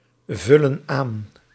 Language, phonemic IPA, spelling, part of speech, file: Dutch, /ˈvʏlə(n) ˈan/, vullen aan, verb, Nl-vullen aan.ogg
- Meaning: inflection of aanvullen: 1. plural present indicative 2. plural present subjunctive